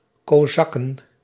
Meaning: plural of kozak
- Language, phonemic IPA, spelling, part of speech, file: Dutch, /koˈzɑkə(n)/, kozakken, noun, Nl-kozakken.ogg